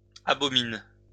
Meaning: second-person singular present indicative/subjunctive of abominer
- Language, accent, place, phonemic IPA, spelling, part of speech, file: French, France, Lyon, /a.bɔ.min/, abomines, verb, LL-Q150 (fra)-abomines.wav